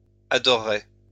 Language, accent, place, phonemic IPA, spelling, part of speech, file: French, France, Lyon, /a.dɔ.ʁə.ʁe/, adorerai, verb, LL-Q150 (fra)-adorerai.wav
- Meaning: first-person singular future of adorer